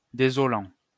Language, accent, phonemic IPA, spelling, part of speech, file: French, France, /de.zɔ.lɑ̃/, désolant, verb / adjective, LL-Q150 (fra)-désolant.wav
- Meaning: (verb) present participle of désoler; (adjective) 1. sad 2. distressing